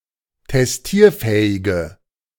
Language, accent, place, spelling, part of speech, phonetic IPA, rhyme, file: German, Germany, Berlin, testierfähige, adjective, [tɛsˈtiːɐ̯ˌfɛːɪɡə], -iːɐ̯fɛːɪɡə, De-testierfähige.ogg
- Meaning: inflection of testierfähig: 1. strong/mixed nominative/accusative feminine singular 2. strong nominative/accusative plural 3. weak nominative all-gender singular